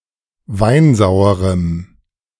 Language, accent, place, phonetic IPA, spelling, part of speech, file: German, Germany, Berlin, [ˈvaɪ̯nˌzaʊ̯əʁəm], weinsauerem, adjective, De-weinsauerem.ogg
- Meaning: strong dative masculine/neuter singular of weinsauer